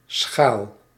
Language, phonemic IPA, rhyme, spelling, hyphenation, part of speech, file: Dutch, /sxaːl/, -aːl, schaal, schaal, noun, Nl-schaal.ogg
- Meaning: 1. shell (of an egg or a nut) 2. shallow bowl 3. scale (e.g. for measuring)